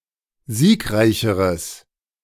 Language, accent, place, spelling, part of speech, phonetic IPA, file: German, Germany, Berlin, siegreicheres, adjective, [ˈziːkˌʁaɪ̯çəʁəs], De-siegreicheres.ogg
- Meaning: strong/mixed nominative/accusative neuter singular comparative degree of siegreich